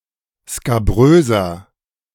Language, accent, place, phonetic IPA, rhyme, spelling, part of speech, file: German, Germany, Berlin, [skaˈbʁøːzɐ], -øːzɐ, skabröser, adjective, De-skabröser.ogg
- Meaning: 1. comparative degree of skabrös 2. inflection of skabrös: strong/mixed nominative masculine singular 3. inflection of skabrös: strong genitive/dative feminine singular